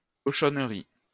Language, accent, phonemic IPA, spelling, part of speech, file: French, France, /kɔ.ʃɔn.ʁi/, cochonnerie, noun, LL-Q150 (fra)-cochonnerie.wav
- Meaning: 1. rubbish, junk 2. dirt, muck, crap